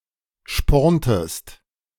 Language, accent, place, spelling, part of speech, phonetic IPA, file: German, Germany, Berlin, sporntest an, verb, [ˌʃpɔʁntəst ˈan], De-sporntest an.ogg
- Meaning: inflection of anspornen: 1. second-person singular preterite 2. second-person singular subjunctive II